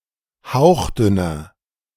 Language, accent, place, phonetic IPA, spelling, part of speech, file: German, Germany, Berlin, [ˈhaʊ̯xˌdʏnɐ], hauchdünner, adjective, De-hauchdünner.ogg
- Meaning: inflection of hauchdünn: 1. strong/mixed nominative masculine singular 2. strong genitive/dative feminine singular 3. strong genitive plural